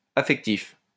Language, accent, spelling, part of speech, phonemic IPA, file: French, France, affectif, adjective, /a.fɛk.tif/, LL-Q150 (fra)-affectif.wav
- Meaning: emotional, affective